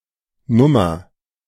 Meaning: No., no. abbreviation of Nummer
- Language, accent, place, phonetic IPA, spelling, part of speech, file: German, Germany, Berlin, [ˌnʊmɐ], Nr., abbreviation, De-Nr..ogg